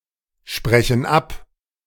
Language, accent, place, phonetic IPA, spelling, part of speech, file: German, Germany, Berlin, [ˌʃpʁɛçn̩ ˈap], sprechen ab, verb, De-sprechen ab.ogg
- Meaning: inflection of absprechen: 1. first/third-person plural present 2. first/third-person plural subjunctive I